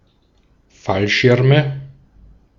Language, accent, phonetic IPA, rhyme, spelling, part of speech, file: German, Austria, [ˈfalˌʃɪʁmə], -alʃɪʁmə, Fallschirme, noun, De-at-Fallschirme.ogg
- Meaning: nominative/accusative/genitive plural of Fallschirm